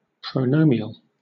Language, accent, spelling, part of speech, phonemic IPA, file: English, Southern England, pronominal, adjective / noun, /pɹəʊˈnɒmɪnəl/, LL-Q1860 (eng)-pronominal.wav
- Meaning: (adjective) Of, pertaining to, resembling, or functioning as a pronoun; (noun) A phrase that acts as a pronoun